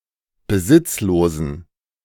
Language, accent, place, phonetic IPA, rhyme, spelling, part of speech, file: German, Germany, Berlin, [bəˈzɪt͡sloːzn̩], -ɪt͡sloːzn̩, besitzlosen, adjective, De-besitzlosen.ogg
- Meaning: inflection of besitzlos: 1. strong genitive masculine/neuter singular 2. weak/mixed genitive/dative all-gender singular 3. strong/weak/mixed accusative masculine singular 4. strong dative plural